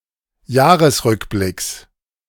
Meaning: genitive of Jahresrückblick
- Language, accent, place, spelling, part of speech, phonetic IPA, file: German, Germany, Berlin, Jahresrückblicks, noun, [ˈjaːʁəsˌʁʏkblɪks], De-Jahresrückblicks.ogg